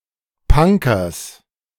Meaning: genitive singular of Punker
- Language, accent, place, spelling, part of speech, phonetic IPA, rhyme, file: German, Germany, Berlin, Punkers, noun, [ˈpaŋkɐs], -aŋkɐs, De-Punkers.ogg